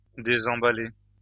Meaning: to unpack
- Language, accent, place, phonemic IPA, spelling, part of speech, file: French, France, Lyon, /de.zɑ̃.ba.le/, désemballer, verb, LL-Q150 (fra)-désemballer.wav